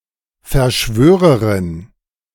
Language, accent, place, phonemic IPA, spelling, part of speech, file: German, Germany, Berlin, /fɛɐ̯ˈʃvøːʁəʁɪn/, Verschwörerin, noun, De-Verschwörerin.ogg
- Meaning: conspirator (female)